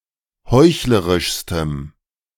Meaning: strong dative masculine/neuter singular superlative degree of heuchlerisch
- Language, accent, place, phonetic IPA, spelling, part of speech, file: German, Germany, Berlin, [ˈhɔɪ̯çləʁɪʃstəm], heuchlerischstem, adjective, De-heuchlerischstem.ogg